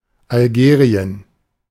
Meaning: Algeria (a country in North Africa)
- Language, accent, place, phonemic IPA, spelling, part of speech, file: German, Germany, Berlin, /alˈɡeːʁi̯ən/, Algerien, proper noun, De-Algerien.ogg